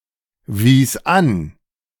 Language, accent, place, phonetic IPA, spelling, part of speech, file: German, Germany, Berlin, [viːs ˈan], wies an, verb, De-wies an.ogg
- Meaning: first/third-person singular preterite of anweisen